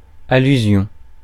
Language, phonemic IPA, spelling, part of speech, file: French, /a.ly.zjɔ̃/, allusion, noun, Fr-allusion.ogg
- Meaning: allusion, innuendo